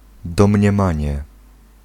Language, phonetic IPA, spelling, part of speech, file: Polish, [ˌdɔ̃mʲɲɛ̃ˈmãɲɛ], domniemanie, noun, Pl-domniemanie.ogg